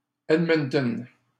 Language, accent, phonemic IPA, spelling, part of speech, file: French, Canada, /ɛd.mœn.tœn/, Edmonton, proper noun, LL-Q150 (fra)-Edmonton.wav
- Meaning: Edmonton (the capital city of Alberta, Canada)